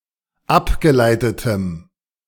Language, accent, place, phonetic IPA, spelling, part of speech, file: German, Germany, Berlin, [ˈapɡəˌlaɪ̯tətəm], abgeleitetem, adjective, De-abgeleitetem.ogg
- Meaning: strong dative masculine/neuter singular of abgeleitet